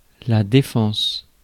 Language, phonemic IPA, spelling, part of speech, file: French, /de.fɑ̃s/, défense, noun, Fr-défense.ogg
- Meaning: 1. defence (action of defending or protecting from attack, danger or injury, or any means for that purpose) 2. defence 3. prohibition (often on signs informing onlookers that an activity is forbidden)